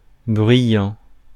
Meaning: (verb) present participle of bruire; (adjective) noisy (making a noise)
- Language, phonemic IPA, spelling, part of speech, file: French, /bʁɥi.jɑ̃/, bruyant, verb / adjective, Fr-bruyant.ogg